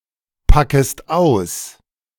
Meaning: second-person singular subjunctive I of auspacken
- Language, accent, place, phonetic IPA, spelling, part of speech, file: German, Germany, Berlin, [ˌpakəst ˈaʊ̯s], packest aus, verb, De-packest aus.ogg